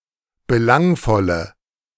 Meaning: inflection of belangvoll: 1. strong/mixed nominative/accusative feminine singular 2. strong nominative/accusative plural 3. weak nominative all-gender singular
- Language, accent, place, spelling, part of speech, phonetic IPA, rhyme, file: German, Germany, Berlin, belangvolle, adjective, [bəˈlaŋfɔlə], -aŋfɔlə, De-belangvolle.ogg